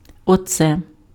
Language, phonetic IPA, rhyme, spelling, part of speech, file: Ukrainian, [ɔˈt͡sɛ], -ɛ, оце, determiner, Uk-оце.ogg
- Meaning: nominative/accusative/vocative neuter singular of оце́й (océj)